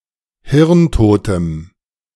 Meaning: strong dative masculine/neuter singular of hirntot
- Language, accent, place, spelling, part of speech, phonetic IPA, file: German, Germany, Berlin, hirntotem, adjective, [ˈhɪʁnˌtoːtəm], De-hirntotem.ogg